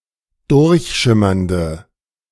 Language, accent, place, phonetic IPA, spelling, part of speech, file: German, Germany, Berlin, [ˈdʊʁçˌʃɪmɐndə], durchschimmernde, adjective, De-durchschimmernde.ogg
- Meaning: inflection of durchschimmernd: 1. strong/mixed nominative/accusative feminine singular 2. strong nominative/accusative plural 3. weak nominative all-gender singular